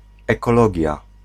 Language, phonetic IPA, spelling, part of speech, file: Polish, [ˌɛkɔˈlɔɟja], ekologia, noun, Pl-ekologia.ogg